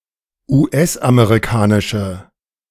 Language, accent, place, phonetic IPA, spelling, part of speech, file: German, Germany, Berlin, [uːˈʔɛsʔameʁiˌkaːnɪʃə], US-amerikanische, adjective, De-US-amerikanische.ogg
- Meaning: inflection of US-amerikanisch: 1. strong/mixed nominative/accusative feminine singular 2. strong nominative/accusative plural 3. weak nominative all-gender singular